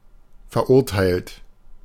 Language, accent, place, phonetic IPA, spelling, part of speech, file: German, Germany, Berlin, [fɛɐ̯ˈʔʊʁtaɪ̯lt], verurteilt, adjective / verb, De-verurteilt.ogg
- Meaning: 1. past participle of verurteilen 2. inflection of verurteilen: third-person singular present 3. inflection of verurteilen: second-person plural present 4. inflection of verurteilen: plural imperative